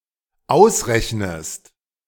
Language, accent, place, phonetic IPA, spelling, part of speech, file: German, Germany, Berlin, [ˈaʊ̯sˌʁɛçnəst], ausrechnest, verb, De-ausrechnest.ogg
- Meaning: inflection of ausrechnen: 1. second-person singular dependent present 2. second-person singular dependent subjunctive I